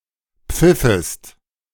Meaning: second-person singular subjunctive II of pfeifen
- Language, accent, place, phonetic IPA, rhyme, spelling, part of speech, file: German, Germany, Berlin, [ˈp͡fɪfəst], -ɪfəst, pfiffest, verb, De-pfiffest.ogg